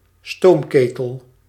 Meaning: a steam boiler
- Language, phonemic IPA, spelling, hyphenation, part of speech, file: Dutch, /ˈstoːmˌkeː.təl/, stoomketel, stoom‧ke‧tel, noun, Nl-stoomketel.ogg